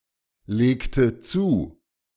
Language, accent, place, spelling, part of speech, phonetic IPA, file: German, Germany, Berlin, legte zu, verb, [ˌleːktə ˈt͡suː], De-legte zu.ogg
- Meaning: inflection of zulegen: 1. first/third-person singular preterite 2. first/third-person singular subjunctive II